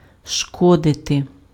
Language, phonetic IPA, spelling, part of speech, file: Ukrainian, [ˈʃkɔdete], шкодити, verb, Uk-шкодити.ogg
- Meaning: to harm, to hurt, to injure, to damage